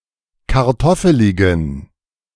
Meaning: inflection of kartoffelig: 1. strong genitive masculine/neuter singular 2. weak/mixed genitive/dative all-gender singular 3. strong/weak/mixed accusative masculine singular 4. strong dative plural
- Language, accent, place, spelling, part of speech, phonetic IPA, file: German, Germany, Berlin, kartoffeligen, adjective, [kaʁˈtɔfəlɪɡn̩], De-kartoffeligen.ogg